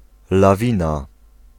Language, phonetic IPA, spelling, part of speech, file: Polish, [laˈvʲĩna], lawina, noun, Pl-lawina.ogg